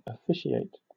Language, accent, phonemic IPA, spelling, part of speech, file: English, Southern England, /əˈfɪ.ʃi.eɪt/, officiate, verb / noun, LL-Q1860 (eng)-officiate.wav
- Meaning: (verb) 1. To perform the functions of some office 2. To serve as umpire or referee; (noun) A person appointed to office, an official